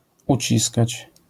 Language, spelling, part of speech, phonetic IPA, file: Polish, uciskać, verb, [uˈt͡ɕiskat͡ɕ], LL-Q809 (pol)-uciskać.wav